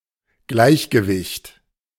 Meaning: 1. equilibrium 2. balance, poise
- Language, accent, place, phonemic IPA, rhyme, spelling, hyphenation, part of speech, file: German, Germany, Berlin, /ˈɡlaɪ̯çɡəˌvɪçt/, -ɪçt, Gleichgewicht, Gleich‧ge‧wicht, noun, De-Gleichgewicht.ogg